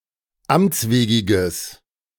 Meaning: strong/mixed nominative/accusative neuter singular of amtswegig
- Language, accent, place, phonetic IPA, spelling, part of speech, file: German, Germany, Berlin, [ˈamt͡sˌveːɡɪɡəs], amtswegiges, adjective, De-amtswegiges.ogg